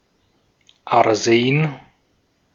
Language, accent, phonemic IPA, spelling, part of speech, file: German, Austria, /aʁˈzeːn/, Arsen, noun, De-at-Arsen.ogg
- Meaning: arsenic